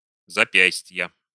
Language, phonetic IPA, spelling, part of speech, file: Russian, [zɐˈpʲæsʲtʲjə], запястья, noun, Ru-запястья.ogg
- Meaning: inflection of запя́стье (zapjástʹje): 1. genitive singular 2. nominative/accusative plural